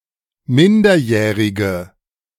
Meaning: inflection of minderjährig: 1. strong/mixed nominative/accusative feminine singular 2. strong nominative/accusative plural 3. weak nominative all-gender singular
- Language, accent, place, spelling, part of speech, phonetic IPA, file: German, Germany, Berlin, minderjährige, adjective, [ˈmɪndɐˌjɛːʁɪɡə], De-minderjährige.ogg